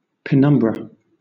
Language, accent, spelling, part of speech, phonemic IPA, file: English, Southern England, penumbra, noun, /pəˈnʌm.bɹə/, LL-Q1860 (eng)-penumbra.wav
- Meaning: 1. A partially shaded area around the edges of a shadow, especially an eclipse 2. A region around the edge of a sunspot, darker than the sun's surface but lighter than the middle of the sunspot